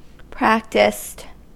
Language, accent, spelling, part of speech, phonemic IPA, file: English, US, practiced, adjective / verb, /ˈpɹæktɪst/, En-us-practiced.ogg
- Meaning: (adjective) skillful, proficient, knowledgeable or expert as a result of practice; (verb) simple past and past participle of practice